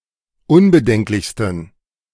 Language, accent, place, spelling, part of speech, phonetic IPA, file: German, Germany, Berlin, unbedenklichsten, adjective, [ˈʊnbəˌdɛŋklɪçstn̩], De-unbedenklichsten.ogg
- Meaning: 1. superlative degree of unbedenklich 2. inflection of unbedenklich: strong genitive masculine/neuter singular superlative degree